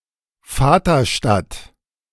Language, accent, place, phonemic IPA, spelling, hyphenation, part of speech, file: German, Germany, Berlin, /ˈfaːtɐˌʃtat/, Vaterstadt, Va‧ter‧stadt, noun, De-Vaterstadt.ogg
- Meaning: home town